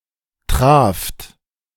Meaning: second-person plural preterite of treffen
- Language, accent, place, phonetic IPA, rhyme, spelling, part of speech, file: German, Germany, Berlin, [tʁaːft], -aːft, traft, verb, De-traft.ogg